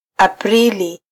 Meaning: April
- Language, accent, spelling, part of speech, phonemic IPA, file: Swahili, Kenya, Aprili, proper noun, /ɑpˈɾi.li/, Sw-ke-Aprili.flac